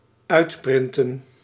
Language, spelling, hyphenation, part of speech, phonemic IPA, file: Dutch, uitprinten, uit‧prin‧ten, verb, /ˈœy̯tˌprɪn.tə(n)/, Nl-uitprinten.ogg
- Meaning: to print (out)